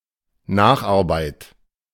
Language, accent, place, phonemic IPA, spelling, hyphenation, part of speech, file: German, Germany, Berlin, /ˈnaːxʔaʁˌbaɪ̯t/, Nacharbeit, Nach‧ar‧beit, noun, De-Nacharbeit.ogg
- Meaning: 1. rework 2. detention